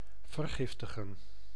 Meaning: to poison (to use poison to kill or paralyse)
- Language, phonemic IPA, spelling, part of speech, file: Dutch, /vərˈɣɪf.tə.ɣə(n)/, vergiftigen, verb, Nl-vergiftigen.ogg